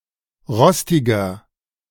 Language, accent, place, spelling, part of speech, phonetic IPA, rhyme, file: German, Germany, Berlin, rostiger, adjective, [ˈʁɔstɪɡɐ], -ɔstɪɡɐ, De-rostiger.ogg
- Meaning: 1. comparative degree of rostig 2. inflection of rostig: strong/mixed nominative masculine singular 3. inflection of rostig: strong genitive/dative feminine singular